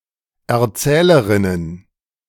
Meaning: plural of Erzählerin
- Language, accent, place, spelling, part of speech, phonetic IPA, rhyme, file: German, Germany, Berlin, Erzählerinnen, noun, [ɛɐ̯ˈt͡sɛːləʁɪnən], -ɛːləʁɪnən, De-Erzählerinnen.ogg